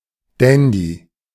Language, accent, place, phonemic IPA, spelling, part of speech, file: German, Germany, Berlin, /ˈdɛndi/, Dandy, noun, De-Dandy.ogg
- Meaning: dandy